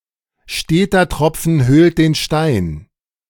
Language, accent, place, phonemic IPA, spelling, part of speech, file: German, Germany, Berlin, /ˈʃteːtər ˈtrɔpfən ˈhøːlt de(ː)n ˈʃtaɪ̯n/, steter Tropfen höhlt den Stein, proverb, De-steter Tropfen höhlt den Stein.ogg
- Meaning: little strokes fell great oaks: 1. steady effort can lead to unexpected success 2. continuous adversities can weaken or destroy the strongest people, unions, convictions, etc